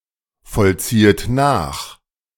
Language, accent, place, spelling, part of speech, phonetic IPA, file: German, Germany, Berlin, vollziehet nach, verb, [fɔlˌt͡siːət ˈnaːx], De-vollziehet nach.ogg
- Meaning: second-person plural subjunctive I of nachvollziehen